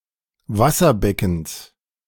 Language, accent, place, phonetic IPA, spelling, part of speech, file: German, Germany, Berlin, [ˈvasɐˌbɛkn̩s], Wasserbeckens, noun, De-Wasserbeckens.ogg
- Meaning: genitive of Wasserbecken